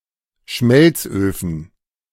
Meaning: plural of Schmelzofen
- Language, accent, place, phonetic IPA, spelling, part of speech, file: German, Germany, Berlin, [ˈʃmɛlt͡sˌʔøːfn̩], Schmelzöfen, noun, De-Schmelzöfen.ogg